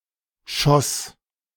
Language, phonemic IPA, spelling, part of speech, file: German, /ʃɔs/, Schoss, noun, De-Schoss.ogg
- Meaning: shoot of a plant